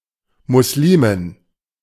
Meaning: Muslimah
- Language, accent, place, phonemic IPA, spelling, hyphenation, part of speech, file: German, Germany, Berlin, /mʊsˈliːmɪn/, Muslimin, Mus‧li‧min, noun, De-Muslimin.ogg